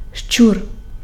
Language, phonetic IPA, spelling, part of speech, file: Ukrainian, [ʃt͡ʃur], щур, noun, Uk-щур.ogg
- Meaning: rat